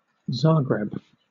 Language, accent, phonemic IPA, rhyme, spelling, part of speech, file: English, Southern England, /ˈzɑːɡɹɛb/, -ɑːɡɹɛb, Zagreb, proper noun, LL-Q1860 (eng)-Zagreb.wav
- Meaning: 1. The capital and largest city of Croatia 2. The capital and largest city of Croatia.: The Croatian government 3. A county of Croatia